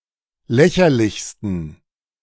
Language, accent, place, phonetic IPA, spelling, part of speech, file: German, Germany, Berlin, [ˈlɛçɐlɪçstn̩], lächerlichsten, adjective, De-lächerlichsten.ogg
- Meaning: 1. superlative degree of lächerlich 2. inflection of lächerlich: strong genitive masculine/neuter singular superlative degree